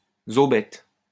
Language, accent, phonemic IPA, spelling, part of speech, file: French, France, /zo.bɛt/, zaubette, noun, LL-Q150 (fra)-zaubette.wav
- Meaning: a shy or timid girl